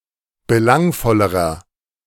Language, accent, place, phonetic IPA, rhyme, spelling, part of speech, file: German, Germany, Berlin, [bəˈlaŋfɔləʁɐ], -aŋfɔləʁɐ, belangvollerer, adjective, De-belangvollerer.ogg
- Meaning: inflection of belangvoll: 1. strong/mixed nominative masculine singular comparative degree 2. strong genitive/dative feminine singular comparative degree 3. strong genitive plural comparative degree